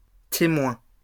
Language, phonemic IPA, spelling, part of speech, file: French, /te.mwɛ̃/, témoins, noun, LL-Q150 (fra)-témoins.wav
- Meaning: plural of témoin